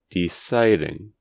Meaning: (noun) The act of making a decision; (adjective) Resulting, having resulted, or having the potential to result in a decision or conclusion; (verb) present participle and gerund of decide
- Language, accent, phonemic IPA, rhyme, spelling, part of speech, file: English, US, /dɪˈsaɪ.dɪŋ/, -aɪdɪŋ, deciding, noun / adjective / verb, En-us-deciding.ogg